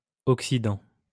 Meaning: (verb) present participle of oxyder; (noun) oxidant
- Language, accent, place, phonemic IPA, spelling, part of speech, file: French, France, Lyon, /ɔk.si.dɑ̃/, oxydant, verb / noun / adjective, LL-Q150 (fra)-oxydant.wav